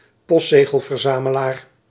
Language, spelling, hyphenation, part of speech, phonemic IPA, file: Dutch, postzegelverzamelaar, post‧ze‧gel‧ver‧za‧me‧laar, noun, /ˈpɔst.zeː.ɣəl.vərˌzaː.mə.laːr/, Nl-postzegelverzamelaar.ogg
- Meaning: stamp collector, philatelist